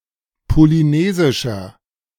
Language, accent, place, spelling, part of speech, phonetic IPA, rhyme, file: German, Germany, Berlin, polynesischer, adjective, [poliˈneːzɪʃɐ], -eːzɪʃɐ, De-polynesischer.ogg
- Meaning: inflection of polynesisch: 1. strong/mixed nominative masculine singular 2. strong genitive/dative feminine singular 3. strong genitive plural